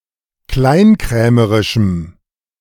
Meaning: strong dative masculine/neuter singular of kleinkrämerisch
- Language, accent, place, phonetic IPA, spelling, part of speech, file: German, Germany, Berlin, [ˈklaɪ̯nˌkʁɛːməʁɪʃm̩], kleinkrämerischem, adjective, De-kleinkrämerischem.ogg